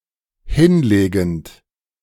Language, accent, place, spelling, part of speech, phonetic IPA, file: German, Germany, Berlin, hinlegend, verb, [ˈhɪnˌleːɡn̩t], De-hinlegend.ogg
- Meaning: present participle of hinlegen